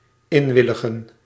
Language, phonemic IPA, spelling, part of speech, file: Dutch, /ˈɪɱwɪləɣə(n)/, inwilligen, verb, Nl-inwilligen.ogg
- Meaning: to grant, accede